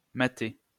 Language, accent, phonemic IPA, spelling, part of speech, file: French, France, /ma.te/, matter, verb, LL-Q150 (fra)-matter.wav
- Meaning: alternative spelling of mater